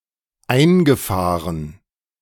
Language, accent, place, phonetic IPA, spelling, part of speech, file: German, Germany, Berlin, [ˈaɪ̯nɡəˌfaːʁən], eingefahren, verb, De-eingefahren.ogg
- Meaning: past participle of einfahren